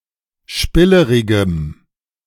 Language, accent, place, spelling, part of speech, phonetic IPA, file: German, Germany, Berlin, spillerigem, adjective, [ˈʃpɪləʁɪɡəm], De-spillerigem.ogg
- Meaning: strong dative masculine/neuter singular of spillerig